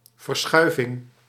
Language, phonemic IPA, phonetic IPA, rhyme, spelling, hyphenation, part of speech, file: Dutch, /vərˈsxœy̯.vɪŋ/, [vəˌr̝̊s̠xœʏ̯.vɪŋ], -œy̯vɪŋ, verschuiving, ver‧schui‧ving, noun, Nl-verschuiving.ogg
- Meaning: shift